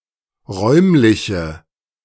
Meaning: inflection of räumlich: 1. strong/mixed nominative/accusative feminine singular 2. strong nominative/accusative plural 3. weak nominative all-gender singular
- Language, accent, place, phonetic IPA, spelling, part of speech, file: German, Germany, Berlin, [ˈʁɔɪ̯mlɪçə], räumliche, adjective, De-räumliche.ogg